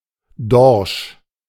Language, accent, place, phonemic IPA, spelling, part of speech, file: German, Germany, Berlin, /dɔrʃ/, Dorsch, noun, De-Dorsch.ogg
- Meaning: cod (marine fish of the family Gadidae)